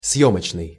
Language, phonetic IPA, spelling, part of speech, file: Russian, [ˈsjɵmət͡ɕnɨj], съёмочный, adjective, Ru-съёмочный.ogg
- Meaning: 1. shooting, filming 2. survey